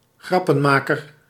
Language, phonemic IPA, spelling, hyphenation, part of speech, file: Dutch, /ˈɣrɑ.pə(n)ˌmaː.kər/, grappenmaker, grap‧pen‧ma‧ker, noun, Nl-grappenmaker.ogg
- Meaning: 1. a joker, one who makes jokes 2. a prankster, a japester 3. a funny person 4. someone who cannot be taken seriously; buffoon, clown, phony